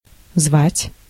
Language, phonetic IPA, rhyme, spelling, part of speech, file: Russian, [zvatʲ], -atʲ, звать, verb, Ru-звать.ogg
- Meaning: 1. to call 2. to invite